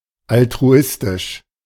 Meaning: altruistic
- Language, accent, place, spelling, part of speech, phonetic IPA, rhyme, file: German, Germany, Berlin, altruistisch, adjective, [altʁuˈɪstɪʃ], -ɪstɪʃ, De-altruistisch.ogg